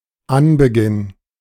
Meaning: beginning
- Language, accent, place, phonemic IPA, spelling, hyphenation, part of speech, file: German, Germany, Berlin, /ˈanbəˌɡɪn/, Anbeginn, An‧be‧ginn, noun, De-Anbeginn.ogg